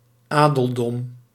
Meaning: nobility
- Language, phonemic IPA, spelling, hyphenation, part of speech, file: Dutch, /ˈaː.dəlˌdɔm/, adeldom, adel‧dom, noun, Nl-adeldom.ogg